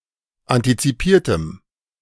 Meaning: strong dative masculine/neuter singular of antizipiert
- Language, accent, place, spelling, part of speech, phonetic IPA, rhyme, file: German, Germany, Berlin, antizipiertem, adjective, [ˌantit͡siˈpiːɐ̯təm], -iːɐ̯təm, De-antizipiertem.ogg